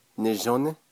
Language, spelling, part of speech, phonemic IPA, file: Navajo, nizhóní, verb, /nɪ̀ʒónɪ́/, Nv-nizhóní.ogg
- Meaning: 1. it/he/she is pretty, beautiful 2. it/he/she is clean, good, nice, fine, neat